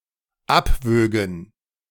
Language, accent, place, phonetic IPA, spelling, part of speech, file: German, Germany, Berlin, [ˈapˌvøːɡn̩], abwögen, verb, De-abwögen.ogg
- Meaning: first/third-person plural dependent subjunctive II of abwiegen